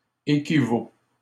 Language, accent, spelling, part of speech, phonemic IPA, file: French, Canada, équivaut, verb, /e.ki.vo/, LL-Q150 (fra)-équivaut.wav
- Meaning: third-person singular present indicative of équivaloir